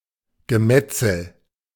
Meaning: butchery; slaughter (of people)
- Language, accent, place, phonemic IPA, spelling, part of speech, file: German, Germany, Berlin, /ɡəˈmɛt͡sl̩/, Gemetzel, noun, De-Gemetzel.ogg